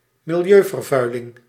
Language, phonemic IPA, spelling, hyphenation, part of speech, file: Dutch, /mɪl.jøː.vərˌvœy̯.lɪŋ/, milieuvervuiling, mi‧li‧eu‧ver‧vui‧ling, noun, Nl-milieuvervuiling.ogg
- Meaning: a case of, or the phenomenon, environmental pollution